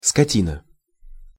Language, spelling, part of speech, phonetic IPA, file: Russian, скотина, noun, [skɐˈtʲinə], Ru-скотина.ogg
- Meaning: 1. cattle 2. brute 3. dolt, boor (m or f)